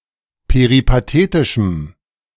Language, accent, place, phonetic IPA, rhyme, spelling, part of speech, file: German, Germany, Berlin, [peʁipaˈteːtɪʃm̩], -eːtɪʃm̩, peripatetischem, adjective, De-peripatetischem.ogg
- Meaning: strong dative masculine/neuter singular of peripatetisch